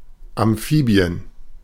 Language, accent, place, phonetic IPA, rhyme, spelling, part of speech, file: German, Germany, Berlin, [amˈfiːbi̯ən], -iːbi̯ən, Amphibien, noun, De-Amphibien.ogg
- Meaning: plural of Amphibie